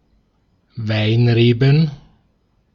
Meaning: plural of Weinrebe
- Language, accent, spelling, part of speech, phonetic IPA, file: German, Austria, Weinreben, noun, [ˈvaɪ̯nˌʁeːbn̩], De-at-Weinreben.ogg